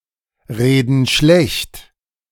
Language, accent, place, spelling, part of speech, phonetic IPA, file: German, Germany, Berlin, reden schlecht, verb, [ˌʁeːdn̩ ˈʃlɛçt], De-reden schlecht.ogg
- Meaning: inflection of schlechtreden: 1. first/third-person plural present 2. first/third-person plural subjunctive I